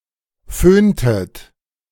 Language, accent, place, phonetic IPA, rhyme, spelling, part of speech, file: German, Germany, Berlin, [ˈføːntət], -øːntət, föhntet, verb, De-föhntet.ogg
- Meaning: inflection of föhnen: 1. second-person plural preterite 2. second-person plural subjunctive II